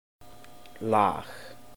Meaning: 1. layer 2. stratum 3. tune, song 4. order 5. thrust, stab 6. good method, knack
- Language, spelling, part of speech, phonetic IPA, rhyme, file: Icelandic, lag, noun, [ˈlaːɣ], -aːɣ, Is-lag.oga